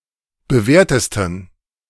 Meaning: 1. superlative degree of bewährt 2. inflection of bewährt: strong genitive masculine/neuter singular superlative degree
- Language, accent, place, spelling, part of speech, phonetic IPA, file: German, Germany, Berlin, bewährtesten, adjective, [bəˈvɛːɐ̯təstn̩], De-bewährtesten.ogg